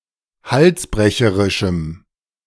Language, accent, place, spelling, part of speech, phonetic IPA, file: German, Germany, Berlin, halsbrecherischem, adjective, [ˈhalsˌbʁɛçəʁɪʃm̩], De-halsbrecherischem.ogg
- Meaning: strong dative masculine/neuter singular of halsbrecherisch